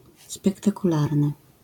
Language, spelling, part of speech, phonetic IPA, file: Polish, spektakularny, adjective, [ˌspɛktakuˈlarnɨ], LL-Q809 (pol)-spektakularny.wav